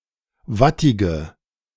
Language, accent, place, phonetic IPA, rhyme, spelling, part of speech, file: German, Germany, Berlin, [ˈvatɪɡə], -atɪɡə, wattige, adjective, De-wattige.ogg
- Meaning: inflection of wattig: 1. strong/mixed nominative/accusative feminine singular 2. strong nominative/accusative plural 3. weak nominative all-gender singular 4. weak accusative feminine/neuter singular